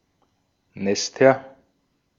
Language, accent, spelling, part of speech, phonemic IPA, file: German, Austria, Nester, noun, /ˈnɛstɐ/, De-at-Nester.ogg
- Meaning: nominative/accusative/genitive plural of Nest